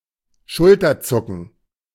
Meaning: shrug (of the shoulders)
- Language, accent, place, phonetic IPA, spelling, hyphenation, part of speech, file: German, Germany, Berlin, [ˈʃʊltɐˌt͡sʊkn̩], Schulterzucken, Schul‧ter‧zu‧cken, noun, De-Schulterzucken.ogg